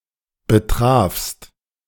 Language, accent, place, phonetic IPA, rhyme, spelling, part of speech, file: German, Germany, Berlin, [bəˈtʁaːfst], -aːfst, betrafst, verb, De-betrafst.ogg
- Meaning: second-person singular preterite of betreffen